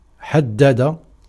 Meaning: 1. to sharpen 2. to confine 3. to define 4. to determine(?) 5. to identify 6. to forge iron 7. to be a blacksmith
- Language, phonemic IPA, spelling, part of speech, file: Arabic, /ħad.da.da/, حدد, verb, Ar-حدد.ogg